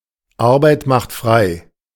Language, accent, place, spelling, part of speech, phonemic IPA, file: German, Germany, Berlin, Arbeit macht frei, proverb, /ˈaʁbaɪ̯t maxt ˈfʁaɪ̯/, De-Arbeit macht frei.ogg
- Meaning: work brings freedom; those who work thereby liberate themselves